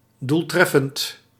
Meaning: effective, producing the desired effect
- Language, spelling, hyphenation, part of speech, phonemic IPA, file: Dutch, doeltreffend, doel‧tref‧fend, adjective, /ˌdulˈtrɛ.fənt/, Nl-doeltreffend.ogg